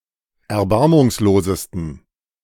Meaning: 1. superlative degree of erbarmungslos 2. inflection of erbarmungslos: strong genitive masculine/neuter singular superlative degree
- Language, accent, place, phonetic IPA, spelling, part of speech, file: German, Germany, Berlin, [ɛɐ̯ˈbaʁmʊŋsloːzəstn̩], erbarmungslosesten, adjective, De-erbarmungslosesten.ogg